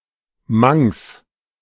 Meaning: Manx Gaelic (the Celtic (Goidelic) language spoken on the Isle of Man)
- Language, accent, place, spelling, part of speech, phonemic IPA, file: German, Germany, Berlin, Manx, noun, /maŋks/, De-Manx.ogg